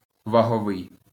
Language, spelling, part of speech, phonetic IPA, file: Ukrainian, ваговий, adjective, [ʋɐɦɔˈʋɪi̯], LL-Q8798 (ukr)-ваговий.wav
- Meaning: weight (attributive)